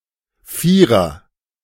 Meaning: 1. something with a number, value or size of four 2. foursome 3. alternative form of Vier (“digit, school mark”)
- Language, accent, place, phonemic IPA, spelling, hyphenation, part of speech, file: German, Germany, Berlin, /ˈfiːʁɐ/, Vierer, Vie‧rer, noun, De-Vierer.ogg